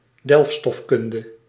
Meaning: mineralogy
- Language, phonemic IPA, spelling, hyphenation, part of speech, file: Dutch, /ˈdɛlf.stɔfˌkʏn.də/, delfstofkunde, delf‧stof‧kun‧de, noun, Nl-delfstofkunde.ogg